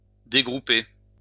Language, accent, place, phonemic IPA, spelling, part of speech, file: French, France, Lyon, /de.ɡʁu.pe/, dégrouper, verb, LL-Q150 (fra)-dégrouper.wav
- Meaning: to ungroup; take apart, separate